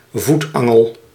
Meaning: caltrop
- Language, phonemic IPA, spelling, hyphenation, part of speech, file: Dutch, /ˈvutˌɑ.ŋəl/, voetangel, voet‧an‧gel, noun, Nl-voetangel.ogg